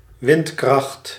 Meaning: 1. wind force, according to the Beaufort scale 2. energy from the wind
- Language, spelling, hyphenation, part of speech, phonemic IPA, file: Dutch, windkracht, wind‧kracht, noun, /ˈʋɪnt.krɑxt/, Nl-windkracht.ogg